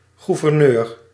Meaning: governor (e.g. of a province)
- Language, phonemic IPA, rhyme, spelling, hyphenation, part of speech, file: Dutch, /ˌɣu.vərˈnøːr/, -øːr, gouverneur, gou‧ver‧neur, noun, Nl-gouverneur.ogg